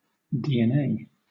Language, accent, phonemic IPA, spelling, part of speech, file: English, Southern England, /ˌdiːɛnˈeɪ/, DNA, noun / verb / proper noun / phrase, LL-Q1860 (eng)-DNA.wav